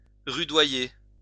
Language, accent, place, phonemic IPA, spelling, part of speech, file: French, France, Lyon, /ʁy.dwa.je/, rudoyer, verb, LL-Q150 (fra)-rudoyer.wav
- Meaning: 1. to treat harshly, mistreat 2. to humiliate, humble (violently)